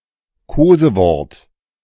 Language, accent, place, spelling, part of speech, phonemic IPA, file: German, Germany, Berlin, Kosewort, noun, /ˈkoːzəˌvɔʁt/, De-Kosewort.ogg
- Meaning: term of endearment (word or phrase expressing affection)